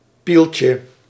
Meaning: diminutive of piel
- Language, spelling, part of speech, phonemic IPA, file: Dutch, pieltje, noun, /ˈpilcə/, Nl-pieltje.ogg